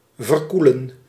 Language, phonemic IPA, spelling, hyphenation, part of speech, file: Dutch, /vərˈku.lə(n)/, verkoelen, ver‧koe‧len, verb, Nl-verkoelen.ogg
- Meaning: to cool down